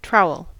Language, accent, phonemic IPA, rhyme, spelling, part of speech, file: English, US, /ˈtɹaʊ.əl/, -aʊəl, trowel, noun / verb, En-us-trowel.ogg
- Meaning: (noun) 1. A mason’s tool, used in spreading and dressing mortar, and breaking bricks to shape them 2. A gardener’s tool, shaped like a scoop, used in taking up plants, stirring soil etc